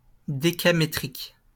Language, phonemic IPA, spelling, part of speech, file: French, /de.ka.me.tʁik/, décamétrique, adjective, LL-Q150 (fra)-décamétrique.wav
- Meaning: decametric